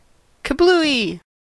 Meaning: A failure, meltdown; or explosion; a splat or splash
- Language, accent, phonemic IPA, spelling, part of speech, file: English, US, /kəˈbluːi/, kablooie, interjection, En-us-kablooie.ogg